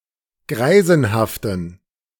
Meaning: inflection of greisenhaft: 1. strong genitive masculine/neuter singular 2. weak/mixed genitive/dative all-gender singular 3. strong/weak/mixed accusative masculine singular 4. strong dative plural
- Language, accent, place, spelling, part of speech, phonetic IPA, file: German, Germany, Berlin, greisenhaften, adjective, [ˈɡʁaɪ̯zn̩haftn̩], De-greisenhaften.ogg